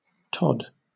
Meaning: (noun) 1. A male fox 2. A fox in general 3. Someone like a fox; a crafty person 4. A bush, especially of ivy
- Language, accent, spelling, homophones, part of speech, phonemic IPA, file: English, Southern England, tod, Todd, noun / verb, /tɒd/, LL-Q1860 (eng)-tod.wav